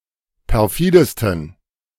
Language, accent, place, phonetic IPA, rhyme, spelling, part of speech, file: German, Germany, Berlin, [pɛʁˈfiːdəstn̩], -iːdəstn̩, perfidesten, adjective, De-perfidesten.ogg
- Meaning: 1. superlative degree of perfide 2. inflection of perfide: strong genitive masculine/neuter singular superlative degree